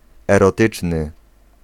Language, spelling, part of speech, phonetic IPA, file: Polish, erotyczny, adjective, [ˌɛrɔˈtɨt͡ʃnɨ], Pl-erotyczny.ogg